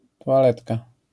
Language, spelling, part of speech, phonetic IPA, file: Polish, toaletka, noun, [ˌtɔaˈlɛtka], LL-Q809 (pol)-toaletka.wav